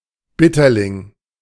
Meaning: 1. bitterling (fish) 2. bitter bolete
- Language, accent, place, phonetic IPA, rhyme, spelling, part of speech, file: German, Germany, Berlin, [ˈbɪtɐlɪŋ], -ɪtɐlɪŋ, Bitterling, noun, De-Bitterling.ogg